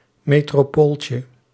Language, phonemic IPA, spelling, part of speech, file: Dutch, /ˌmetroˈpolcə/, metropooltje, noun, Nl-metropooltje.ogg
- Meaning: diminutive of metropool